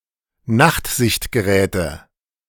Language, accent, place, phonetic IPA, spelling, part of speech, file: German, Germany, Berlin, [ˈnaxtzɪçtɡəˌʁɛːtə], Nachtsichtgeräte, noun, De-Nachtsichtgeräte.ogg
- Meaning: nominative/accusative/genitive plural of Nachtsichtgerät